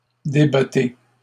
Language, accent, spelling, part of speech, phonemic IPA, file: French, Canada, débattez, verb, /de.ba.te/, LL-Q150 (fra)-débattez.wav
- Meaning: inflection of débattre: 1. second-person plural present indicative 2. second-person plural imperative